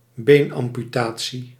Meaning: leg amputation
- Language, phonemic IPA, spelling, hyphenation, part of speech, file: Dutch, /ˈbeːn.ɑm.pyˌtaː.(t)si/, beenamputatie, been‧am‧pu‧ta‧tie, noun, Nl-beenamputatie.ogg